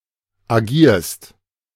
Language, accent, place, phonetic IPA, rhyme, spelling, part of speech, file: German, Germany, Berlin, [aˈɡiːɐ̯st], -iːɐ̯st, agierst, verb, De-agierst.ogg
- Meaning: second-person singular present of agieren